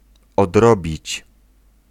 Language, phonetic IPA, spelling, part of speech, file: Polish, [ɔdˈrɔbʲit͡ɕ], odrobić, verb, Pl-odrobić.ogg